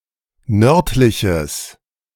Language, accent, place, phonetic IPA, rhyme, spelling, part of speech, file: German, Germany, Berlin, [ˈnœʁtlɪçəs], -œʁtlɪçəs, nördliches, adjective, De-nördliches.ogg
- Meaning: strong/mixed nominative/accusative neuter singular of nördlich